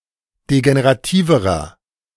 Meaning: inflection of degenerativ: 1. strong/mixed nominative masculine singular comparative degree 2. strong genitive/dative feminine singular comparative degree 3. strong genitive plural comparative degree
- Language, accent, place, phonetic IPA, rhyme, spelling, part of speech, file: German, Germany, Berlin, [deɡeneʁaˈtiːvəʁɐ], -iːvəʁɐ, degenerativerer, adjective, De-degenerativerer.ogg